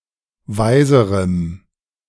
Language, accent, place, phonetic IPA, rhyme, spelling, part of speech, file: German, Germany, Berlin, [ˈvaɪ̯zəʁəm], -aɪ̯zəʁəm, weiserem, adjective, De-weiserem.ogg
- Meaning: strong dative masculine/neuter singular comparative degree of weise